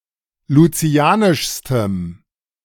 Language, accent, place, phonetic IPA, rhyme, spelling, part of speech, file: German, Germany, Berlin, [luˈt͡si̯aːnɪʃstəm], -aːnɪʃstəm, lucianischstem, adjective, De-lucianischstem.ogg
- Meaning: strong dative masculine/neuter singular superlative degree of lucianisch